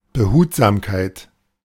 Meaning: circumspection, caution (careful/watchful attention)
- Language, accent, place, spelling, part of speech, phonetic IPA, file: German, Germany, Berlin, Behutsamkeit, noun, [bəˈhuːtzaːmkaɪ̯t], De-Behutsamkeit.ogg